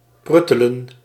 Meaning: 1. to simmer, cook slowly over low heat 2. to make a low repeating noise, hum, purr
- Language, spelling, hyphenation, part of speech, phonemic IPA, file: Dutch, pruttelen, prut‧te‧len, verb, /ˈprʏ.tə.lə(n)/, Nl-pruttelen.ogg